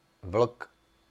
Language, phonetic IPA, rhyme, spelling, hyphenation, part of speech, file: Czech, [ˈvl̩k], -l̩k, vlk, vlk, noun, Cs-vlk.ogg
- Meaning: 1. wolf 2. experienced, courageous person 3. insidious, cruel person 4. child's noisemaking spinning top 5. tearing machine 6. sprain, charley horse 7. burgeoning tree shoot 8. spiny burdock fruit